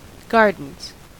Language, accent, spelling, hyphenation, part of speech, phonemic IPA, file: English, US, gardens, gar‧dens, noun / verb, /ˈɡɑɹdn̩z/, En-us-gardens.ogg
- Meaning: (noun) plural of garden; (verb) third-person singular simple present indicative of garden